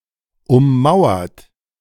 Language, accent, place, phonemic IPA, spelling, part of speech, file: German, Germany, Berlin, /ʊmˈmaʊ̯ɐt/, ummauert, verb / adjective, De-ummauert.ogg
- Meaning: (verb) past participle of ummauern; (adjective) walled